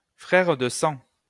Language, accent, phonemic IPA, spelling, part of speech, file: French, France, /fʁɛʁ də sɑ̃/, frère de sang, noun, LL-Q150 (fra)-frère de sang.wav
- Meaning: blood brother (unrelated male considered to share a brother-like relationship established by a ceremonial sharing of blood)